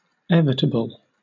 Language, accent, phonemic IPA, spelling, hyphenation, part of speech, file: English, Southern England, /ˈɛvɪtəb(ə)l/, evitable, evi‧ta‧ble, adjective, LL-Q1860 (eng)-evitable.wav
- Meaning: Possible to avoid; avertible